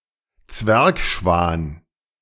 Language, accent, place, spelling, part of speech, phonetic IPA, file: German, Germany, Berlin, Zwergschwan, noun, [ˈt͡svɛʁkˌʃvaːn], De-Zwergschwan.ogg
- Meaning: Bewick's swan